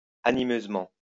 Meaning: With animosity
- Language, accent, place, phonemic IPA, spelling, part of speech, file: French, France, Lyon, /a.ni.møz.mɑ̃/, animeusement, adverb, LL-Q150 (fra)-animeusement.wav